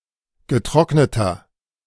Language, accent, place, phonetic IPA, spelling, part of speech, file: German, Germany, Berlin, [ɡəˈtʁɔknətɐ], getrockneter, adjective, De-getrockneter.ogg
- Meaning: inflection of getrocknet: 1. strong/mixed nominative masculine singular 2. strong genitive/dative feminine singular 3. strong genitive plural